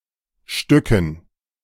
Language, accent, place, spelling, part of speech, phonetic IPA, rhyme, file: German, Germany, Berlin, Stücken, noun, [ˈʃtʏkn̩], -ʏkn̩, De-Stücken.ogg
- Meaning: dative plural of Stück